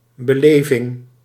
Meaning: experience (act of experiencing, something that is experienced)
- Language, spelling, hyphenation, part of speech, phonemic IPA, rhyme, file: Dutch, beleving, be‧le‧ving, noun, /bəˈleː.vɪŋ/, -eːvɪŋ, Nl-beleving.ogg